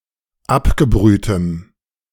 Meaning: strong dative masculine/neuter singular of abgebrüht
- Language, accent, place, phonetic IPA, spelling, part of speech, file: German, Germany, Berlin, [ˈapɡəˌbʁyːtəm], abgebrühtem, adjective, De-abgebrühtem.ogg